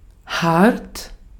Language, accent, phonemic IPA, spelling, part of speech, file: German, Austria, /hart/, hart, adjective / adverb, De-at-hart.ogg
- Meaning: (adjective) 1. hard 2. severe, harsh 3. unmoved, cold, cruel; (adverb) 1. hard (with force or effort) 2. sharply, roughly, severely 3. close